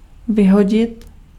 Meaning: 1. to discard, to throw away 2. to fire (to terminate the employment)
- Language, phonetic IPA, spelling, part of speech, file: Czech, [ˈvɪɦoɟɪt], vyhodit, verb, Cs-vyhodit.ogg